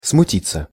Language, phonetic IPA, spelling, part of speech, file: Russian, [smʊˈtʲit͡sːə], смутиться, verb, Ru-смутиться.ogg
- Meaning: 1. to be confused, to be embarrassed 2. passive of смути́ть (smutítʹ)